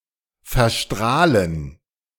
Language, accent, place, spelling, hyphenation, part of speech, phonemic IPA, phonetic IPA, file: German, Germany, Berlin, verstrahlen, ver‧strah‧len, verb, /fɛʁˈʃtʁaːlən/, [fɛɐ̯ˈʃtʁaːln], De-verstrahlen.ogg
- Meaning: to contaminate (with radiation)